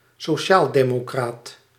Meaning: social democrat
- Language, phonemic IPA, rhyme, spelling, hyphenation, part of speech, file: Dutch, /soːˌʃaːl.deː.moːˈkraːt/, -aːt, sociaaldemocraat, so‧ci‧aal‧de‧mo‧craat, noun, Nl-sociaaldemocraat.ogg